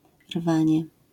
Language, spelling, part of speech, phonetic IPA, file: Polish, rwanie, noun, [ˈrvãɲɛ], LL-Q809 (pol)-rwanie.wav